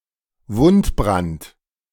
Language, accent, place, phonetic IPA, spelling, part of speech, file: German, Germany, Berlin, [ˈvʊntˌbʁant], Wundbrand, noun, De-Wundbrand.ogg
- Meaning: gangrene